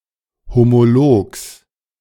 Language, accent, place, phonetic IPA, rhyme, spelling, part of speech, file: German, Germany, Berlin, [homoˈloːks], -oːks, Homologs, noun, De-Homologs.ogg
- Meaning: genitive singular of Homolog